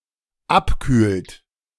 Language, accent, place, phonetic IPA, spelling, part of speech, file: German, Germany, Berlin, [ˈapˌkyːlt], abkühlt, verb, De-abkühlt.ogg
- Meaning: inflection of abkühlen: 1. third-person singular dependent present 2. second-person plural dependent present